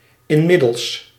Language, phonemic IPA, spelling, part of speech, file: Dutch, /ɪnˈmɪdəls/, inmiddels, adverb, Nl-inmiddels.ogg
- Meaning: meanwhile, in the meantime